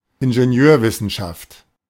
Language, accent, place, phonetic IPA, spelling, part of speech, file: German, Germany, Berlin, [ɪnʒenˈjøːɐ̯vɪsn̩ʃaft], Ingenieurwissenschaft, noun, De-Ingenieurwissenschaft.ogg
- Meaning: engineering (application of science to the needs of humanity)